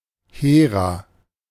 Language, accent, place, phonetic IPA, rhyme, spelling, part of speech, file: German, Germany, Berlin, [ˈheːʁa], -eːʁa, Hera, noun, De-Hera.ogg
- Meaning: Hera